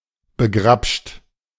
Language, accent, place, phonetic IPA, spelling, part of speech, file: German, Germany, Berlin, [bəˈɡʁapʃt], begrapscht, verb, De-begrapscht.ogg
- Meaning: 1. past participle of begrapschen 2. inflection of begrapschen: second-person plural present 3. inflection of begrapschen: third-person singular present 4. inflection of begrapschen: plural imperative